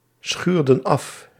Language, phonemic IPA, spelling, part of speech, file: Dutch, /ˈsxyrdə(n) ˈɑf/, schuurden af, verb, Nl-schuurden af.ogg
- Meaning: inflection of afschuren: 1. plural past indicative 2. plural past subjunctive